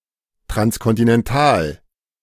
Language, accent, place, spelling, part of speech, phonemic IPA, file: German, Germany, Berlin, transkontinental, adjective, /tʁanskɔntɪnɛnˈtaːl/, De-transkontinental.ogg
- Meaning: transcontinental